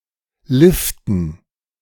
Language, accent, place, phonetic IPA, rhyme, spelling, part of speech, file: German, Germany, Berlin, [ˈlɪftn̩], -ɪftn̩, Liften, noun, De-Liften.ogg
- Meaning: dative plural of Lift